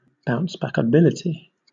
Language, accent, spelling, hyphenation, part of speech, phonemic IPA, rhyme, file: English, Southern England, bouncebackability, bounce‧back‧a‧bil‧i‧ty, noun, /ˌbaʊnsbækəˈbɪlɪti/, -ɪlɪti, LL-Q1860 (eng)-bouncebackability.wav
- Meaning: The ability to bounce back or recover from bad circumstances